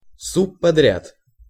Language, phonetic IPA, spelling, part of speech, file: Russian, [sʊpːɐˈdrʲat], субподряд, noun, Ru-субподряд.ogg
- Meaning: subcontract